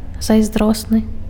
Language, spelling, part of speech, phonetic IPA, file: Belarusian, зайздросны, adjective, [zajzˈdrosnɨ], Be-зайздросны.ogg
- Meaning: envious